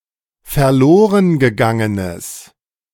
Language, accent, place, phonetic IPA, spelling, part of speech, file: German, Germany, Berlin, [fɛɐ̯ˈloːʁənɡəˌɡaŋənəs], verlorengegangenes, adjective, De-verlorengegangenes.ogg
- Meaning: strong/mixed nominative/accusative neuter singular of verlorengegangen